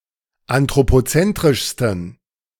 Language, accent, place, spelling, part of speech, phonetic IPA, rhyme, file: German, Germany, Berlin, anthropozentrischsten, adjective, [antʁopoˈt͡sɛntʁɪʃstn̩], -ɛntʁɪʃstn̩, De-anthropozentrischsten.ogg
- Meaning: 1. superlative degree of anthropozentrisch 2. inflection of anthropozentrisch: strong genitive masculine/neuter singular superlative degree